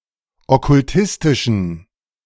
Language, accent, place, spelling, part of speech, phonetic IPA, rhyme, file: German, Germany, Berlin, okkultistischen, adjective, [ɔkʊlˈtɪstɪʃn̩], -ɪstɪʃn̩, De-okkultistischen.ogg
- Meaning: inflection of okkultistisch: 1. strong genitive masculine/neuter singular 2. weak/mixed genitive/dative all-gender singular 3. strong/weak/mixed accusative masculine singular 4. strong dative plural